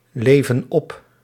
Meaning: inflection of opleven: 1. plural present indicative 2. plural present subjunctive
- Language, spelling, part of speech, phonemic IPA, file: Dutch, leven op, verb, /ˈlevə(n) ˈɔp/, Nl-leven op.ogg